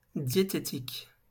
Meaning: dietetic
- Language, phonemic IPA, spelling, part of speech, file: French, /dje.te.tik/, diététique, adjective, LL-Q150 (fra)-diététique.wav